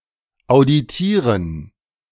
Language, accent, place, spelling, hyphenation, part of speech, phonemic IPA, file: German, Germany, Berlin, auditieren, au‧di‧tie‧ren, verb, /aʊ̯dɪˈtiːʁən/, De-auditieren.ogg
- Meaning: to audit